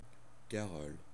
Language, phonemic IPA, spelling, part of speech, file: French, /ka.ʁɔl/, carole, noun, Fr-carole.ogg
- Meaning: carol (round dance accompanied by singing)